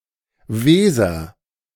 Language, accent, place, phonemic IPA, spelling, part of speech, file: German, Germany, Berlin, /ˈveːzɐ/, Weser, proper noun, De-Weser.ogg
- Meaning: Weser (a river in Germany)